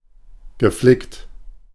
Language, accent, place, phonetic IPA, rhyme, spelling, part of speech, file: German, Germany, Berlin, [ɡəˈflɪkt], -ɪkt, geflickt, verb, De-geflickt.ogg
- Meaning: past participle of flicken